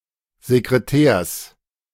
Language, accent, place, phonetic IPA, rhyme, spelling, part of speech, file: German, Germany, Berlin, [zekʁeˈtɛːɐ̯s], -ɛːɐ̯s, Sekretärs, noun, De-Sekretärs.ogg
- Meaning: genitive singular of Sekretär